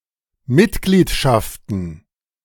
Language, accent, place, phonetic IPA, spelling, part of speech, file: German, Germany, Berlin, [ˈmɪtˌɡliːtʃaftn̩], Mitgliedschaften, noun, De-Mitgliedschaften.ogg
- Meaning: plural of Mitgliedschaft